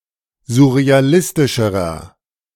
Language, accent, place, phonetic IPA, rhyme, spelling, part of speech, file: German, Germany, Berlin, [zʊʁeaˈlɪstɪʃəʁɐ], -ɪstɪʃəʁɐ, surrealistischerer, adjective, De-surrealistischerer.ogg
- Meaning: inflection of surrealistisch: 1. strong/mixed nominative masculine singular comparative degree 2. strong genitive/dative feminine singular comparative degree